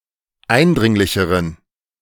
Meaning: inflection of eindringlich: 1. strong genitive masculine/neuter singular comparative degree 2. weak/mixed genitive/dative all-gender singular comparative degree
- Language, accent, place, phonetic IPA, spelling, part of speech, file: German, Germany, Berlin, [ˈaɪ̯nˌdʁɪŋlɪçəʁən], eindringlicheren, adjective, De-eindringlicheren.ogg